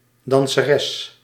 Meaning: female dancer
- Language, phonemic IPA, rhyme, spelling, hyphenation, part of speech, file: Dutch, /ˌdɑn.səˈrɛs/, -ɛs, danseres, dan‧se‧res, noun, Nl-danseres.ogg